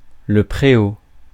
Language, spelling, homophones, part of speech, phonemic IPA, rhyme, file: French, préau, préaux, noun, /pʁe.o/, -o, Fr-préau.ogg
- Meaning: 1. small meadow 2. yard, courtyard